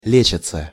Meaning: third-person plural present indicative imperfective of лечи́ться (lečítʹsja)
- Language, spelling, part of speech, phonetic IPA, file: Russian, лечатся, verb, [ˈlʲet͡ɕət͡sə], Ru-лечатся.ogg